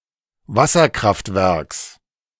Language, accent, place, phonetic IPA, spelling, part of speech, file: German, Germany, Berlin, [ˈvasɐˌkʁaftvɛʁks], Wasserkraftwerks, noun, De-Wasserkraftwerks.ogg
- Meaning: genitive singular of Wasserkraftwerk